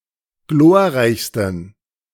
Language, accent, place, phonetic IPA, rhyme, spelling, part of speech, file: German, Germany, Berlin, [ˈɡloːɐ̯ˌʁaɪ̯çstn̩], -oːɐ̯ʁaɪ̯çstn̩, glorreichsten, adjective, De-glorreichsten.ogg
- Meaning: 1. superlative degree of glorreich 2. inflection of glorreich: strong genitive masculine/neuter singular superlative degree